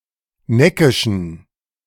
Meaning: inflection of neckisch: 1. strong genitive masculine/neuter singular 2. weak/mixed genitive/dative all-gender singular 3. strong/weak/mixed accusative masculine singular 4. strong dative plural
- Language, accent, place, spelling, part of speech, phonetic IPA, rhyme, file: German, Germany, Berlin, neckischen, adjective, [ˈnɛkɪʃn̩], -ɛkɪʃn̩, De-neckischen.ogg